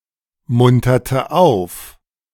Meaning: inflection of aufmuntern: 1. first/third-person singular preterite 2. first/third-person singular subjunctive II
- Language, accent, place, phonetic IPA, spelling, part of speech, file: German, Germany, Berlin, [ˌmʊntɐtə ˈaʊ̯f], munterte auf, verb, De-munterte auf.ogg